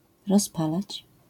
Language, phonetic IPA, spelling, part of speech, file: Polish, [rɔsˈpalat͡ɕ], rozpalać, verb, LL-Q809 (pol)-rozpalać.wav